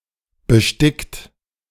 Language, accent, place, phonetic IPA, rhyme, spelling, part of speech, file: German, Germany, Berlin, [bəˈʃtɪkt], -ɪkt, bestickt, adjective / verb, De-bestickt.ogg
- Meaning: 1. past participle of besticken 2. inflection of besticken: second-person plural present 3. inflection of besticken: third-person singular present 4. inflection of besticken: plural imperative